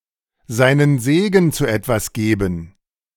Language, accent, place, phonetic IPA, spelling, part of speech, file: German, Germany, Berlin, [ˈzaɪ̯nən ˈzeːɡn̩ t͡suː ˈɛtvas ˈɡeːbn̩], seinen Segen zu etwas geben, verb, De-seinen Segen zu etwas geben.ogg
- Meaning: to give one's blessing to